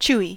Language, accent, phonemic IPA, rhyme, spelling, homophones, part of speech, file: English, US, /ˈt͡ʃuː.i/, -uːi, chewy, chewie, adjective / noun, En-us-chewy.ogg
- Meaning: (adjective) 1. Having a pliable or springy texture when chewed 2. Prone to chewing 3. Full-bodied and tannic 4. Satisfying to solve; novel and free of crosswordese